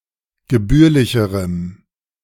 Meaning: strong dative masculine/neuter singular comparative degree of gebührlich
- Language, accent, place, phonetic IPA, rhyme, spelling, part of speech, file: German, Germany, Berlin, [ɡəˈbyːɐ̯lɪçəʁəm], -yːɐ̯lɪçəʁəm, gebührlicherem, adjective, De-gebührlicherem.ogg